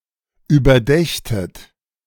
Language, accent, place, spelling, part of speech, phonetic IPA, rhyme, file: German, Germany, Berlin, überdächtet, verb, [yːbɐˈdɛçtət], -ɛçtət, De-überdächtet.ogg
- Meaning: second-person plural subjunctive II of überdenken